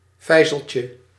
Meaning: diminutive of vijzel
- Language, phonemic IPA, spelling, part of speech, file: Dutch, /ˈvɛizəlcə/, vijzeltje, noun, Nl-vijzeltje.ogg